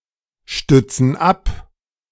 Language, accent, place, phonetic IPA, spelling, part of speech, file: German, Germany, Berlin, [ˌʃtʏt͡sn̩ ˈap], stützen ab, verb, De-stützen ab.ogg
- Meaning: inflection of abstützen: 1. first/third-person plural present 2. first/third-person plural subjunctive I